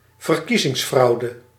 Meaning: electoral fraud
- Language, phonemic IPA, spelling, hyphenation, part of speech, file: Dutch, /vərˈki.zɪŋsˌfrɑu̯.də/, verkiezingsfraude, ver‧kie‧zings‧frau‧de, noun, Nl-verkiezingsfraude.ogg